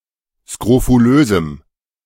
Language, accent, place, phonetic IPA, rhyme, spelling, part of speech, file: German, Germany, Berlin, [skʁofuˈløːzm̩], -øːzm̩, skrofulösem, adjective, De-skrofulösem.ogg
- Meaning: strong dative masculine/neuter singular of skrofulös